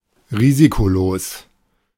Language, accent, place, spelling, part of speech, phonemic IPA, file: German, Germany, Berlin, risikolos, adjective, /ˈʁiːzikoˌloːs/, De-risikolos.ogg
- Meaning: riskfree